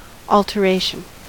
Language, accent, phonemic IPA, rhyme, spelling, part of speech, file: English, US, /ɔl.tɚˈeɪ.ʃən/, -eɪʃən, alteration, noun, En-us-alteration.ogg
- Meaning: 1. The act of altering or making different 2. The act of altering or making different.: A minor adjustment to clothing, such as hemming or shortening, to make it fit better